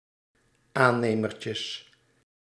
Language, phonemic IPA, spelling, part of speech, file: Dutch, /ˈanemərcəs/, aannemertjes, noun, Nl-aannemertjes.ogg
- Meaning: plural of aannemertje